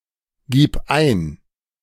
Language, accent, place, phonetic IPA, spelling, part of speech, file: German, Germany, Berlin, [ˌɡiːp ˈaɪ̯n], gib ein, verb, De-gib ein.ogg
- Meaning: singular imperative of eingeben